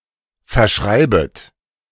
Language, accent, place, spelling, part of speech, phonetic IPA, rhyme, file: German, Germany, Berlin, verschreibet, verb, [fɛɐ̯ˈʃʁaɪ̯bət], -aɪ̯bət, De-verschreibet.ogg
- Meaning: second-person plural subjunctive I of verschreiben